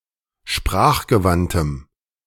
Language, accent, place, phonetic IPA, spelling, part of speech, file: German, Germany, Berlin, [ˈʃpʁaːxɡəˌvantəm], sprachgewandtem, adjective, De-sprachgewandtem.ogg
- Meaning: strong dative masculine/neuter singular of sprachgewandt